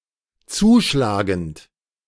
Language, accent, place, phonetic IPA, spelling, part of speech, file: German, Germany, Berlin, [ˈt͡suːˌʃlaːɡn̩t], zuschlagend, verb, De-zuschlagend.ogg
- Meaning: present participle of zuschlagen